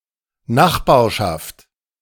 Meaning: 1. neighbourhood 2. neighbourship 3. proximity
- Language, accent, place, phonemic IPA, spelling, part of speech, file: German, Germany, Berlin, /ˈnaxba(ːɐ̯)ʃaft/, Nachbarschaft, noun, De-Nachbarschaft.ogg